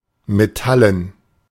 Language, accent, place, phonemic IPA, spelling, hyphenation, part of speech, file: German, Germany, Berlin, /meˈtalən/, metallen, me‧tal‧len, adjective, De-metallen.ogg
- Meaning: metallic